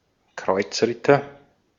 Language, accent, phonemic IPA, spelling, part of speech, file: German, Austria, /ˈkʁɔʏ̯t͡sʁɪtɐ/, Kreuzritter, noun, De-at-Kreuzritter.ogg
- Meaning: crusader